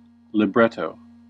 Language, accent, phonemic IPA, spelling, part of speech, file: English, US, /lɪˈbɹɛt.oʊ/, libretto, noun, En-us-libretto.ogg
- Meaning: 1. The text of a dramatic musical work, such as an opera 2. A book containing such a text